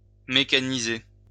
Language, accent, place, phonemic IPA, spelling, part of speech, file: French, France, Lyon, /me.ka.ni.ze/, mécaniser, verb, LL-Q150 (fra)-mécaniser.wav
- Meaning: to mechanize